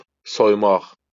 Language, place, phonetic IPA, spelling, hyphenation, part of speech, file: Azerbaijani, Baku, [sojˈmɑχ], soymaq, soy‧maq, verb, LL-Q9292 (aze)-soymaq.wav
- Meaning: 1. to undress 2. to loot, to plunder 3. to rip off